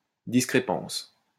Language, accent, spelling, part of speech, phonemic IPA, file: French, France, discrépance, noun, /dis.kʁe.pɑ̃s/, LL-Q150 (fra)-discrépance.wav
- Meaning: discrepancy